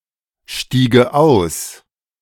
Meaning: first/third-person singular subjunctive II of aussteigen
- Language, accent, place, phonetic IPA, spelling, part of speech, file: German, Germany, Berlin, [ˌʃtiːɡə ˈaʊ̯s], stiege aus, verb, De-stiege aus.ogg